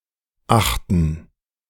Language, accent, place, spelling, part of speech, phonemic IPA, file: German, Germany, Berlin, achten, verb / numeral, /ˈaxtən/, De-achten.ogg
- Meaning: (verb) 1. to care about, to pay attention to 2. to keep an eye on 3. to respect 4. to pay attention to something; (numeral) inflection of achte: strong genitive masculine/neuter singular